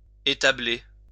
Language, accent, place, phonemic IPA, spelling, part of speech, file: French, France, Lyon, /e.ta.ble/, établer, verb, LL-Q150 (fra)-établer.wav
- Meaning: to stable (put in a stable)